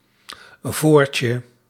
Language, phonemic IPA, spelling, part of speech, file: Dutch, /ˈvorcə/, voortje, noun, Nl-voortje.ogg
- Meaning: diminutive of voor